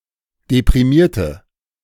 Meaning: inflection of deprimiert: 1. strong/mixed nominative/accusative feminine singular 2. strong nominative/accusative plural 3. weak nominative all-gender singular
- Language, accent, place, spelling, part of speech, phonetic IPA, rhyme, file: German, Germany, Berlin, deprimierte, verb / adjective, [depʁiˈmiːɐ̯tə], -iːɐ̯tə, De-deprimierte.ogg